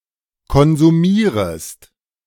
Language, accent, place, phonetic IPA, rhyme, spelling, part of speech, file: German, Germany, Berlin, [kɔnzuˈmiːʁəst], -iːʁəst, konsumierest, verb, De-konsumierest.ogg
- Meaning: second-person singular subjunctive I of konsumieren